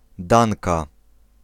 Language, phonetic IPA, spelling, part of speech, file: Polish, [ˈdãnka], Danka, proper noun / noun, Pl-Danka.ogg